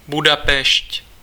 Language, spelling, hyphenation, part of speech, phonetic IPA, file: Czech, Budapešť, Bu‧da‧pešť, proper noun, [ˈbudapɛʃc], Cs-Budapešť.ogg
- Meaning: Budapest (the capital and largest city of Hungary)